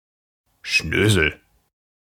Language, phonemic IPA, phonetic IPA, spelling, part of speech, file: German, /ˈʃnøːzəl/, [ˈʃnøː.zl̩], Schnösel, noun, De-Schnösel.ogg
- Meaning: 1. a young man who is brash and presumptuous 2. dandy, snob, someone conceited, smug, unctuous (of any age)